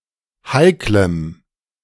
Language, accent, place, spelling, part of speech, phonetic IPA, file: German, Germany, Berlin, heiklem, adjective, [ˈhaɪ̯kləm], De-heiklem.ogg
- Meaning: strong dative masculine/neuter singular of heikel